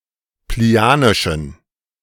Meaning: inflection of plinianisch: 1. strong genitive masculine/neuter singular 2. weak/mixed genitive/dative all-gender singular 3. strong/weak/mixed accusative masculine singular 4. strong dative plural
- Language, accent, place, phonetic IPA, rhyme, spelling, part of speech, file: German, Germany, Berlin, [pliˈni̯aːnɪʃn̩], -aːnɪʃn̩, plinianischen, adjective, De-plinianischen.ogg